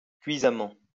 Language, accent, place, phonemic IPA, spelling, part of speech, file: French, France, Lyon, /kɥi.za.mɑ̃/, cuisamment, adverb, LL-Q150 (fra)-cuisamment.wav
- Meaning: 1. stingingly, burningly 2. crushingly (defeated)